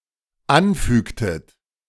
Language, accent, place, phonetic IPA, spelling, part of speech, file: German, Germany, Berlin, [ˈanˌfyːktət], anfügtet, verb, De-anfügtet.ogg
- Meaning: inflection of anfügen: 1. second-person plural dependent preterite 2. second-person plural dependent subjunctive II